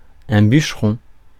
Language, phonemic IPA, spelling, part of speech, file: French, /byʃ.ʁɔ̃/, bûcheron, noun, Fr-bûcheron.ogg
- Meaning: 1. woodman, lumberjack, logger 2. woodcutter